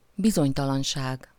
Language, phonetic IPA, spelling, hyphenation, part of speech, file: Hungarian, [ˈbizoɲtɒlɒnʃaːɡ], bizonytalanság, bi‧zony‧ta‧lan‧ság, noun, Hu-bizonytalanság.ogg
- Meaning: uncertainty